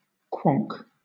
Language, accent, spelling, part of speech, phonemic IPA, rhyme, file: English, Southern England, quonk, noun / verb, /ˈkwɒŋk/, -ɒŋk, LL-Q1860 (eng)-quonk.wav
- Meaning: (noun) 1. Unwanted noise picked up by a microphone in a broadcasting studio 2. Audience chatter that disturbs the performer 3. The honking sound of certain birds; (verb) To produce unwanted noise